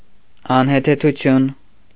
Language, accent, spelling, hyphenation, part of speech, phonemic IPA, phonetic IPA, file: Armenian, Eastern Armenian, անհեթեթություն, ան‧հե‧թե‧թու‧թյուն, noun, /ɑnhetʰetʰuˈtʰjun/, [ɑnhetʰetʰut͡sʰjún], Hy-անհեթեթություն .ogg
- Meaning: nonsense, absurdity